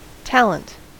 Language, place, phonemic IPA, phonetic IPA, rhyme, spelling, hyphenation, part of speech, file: English, California, /ˈtæl.ənt/, [ˈtäl.ənt], -ælənt, talent, tal‧ent, noun, En-us-talent.ogg
- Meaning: 1. A marked natural ability or skill 2. People of talent, viewed collectively; a talented person 3. One, especially a woman, from a particular place or area, judged by their attractiveness